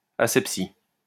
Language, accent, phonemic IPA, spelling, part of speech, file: French, France, /a.sɛp.si/, asepsie, noun, LL-Q150 (fra)-asepsie.wav
- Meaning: asepsis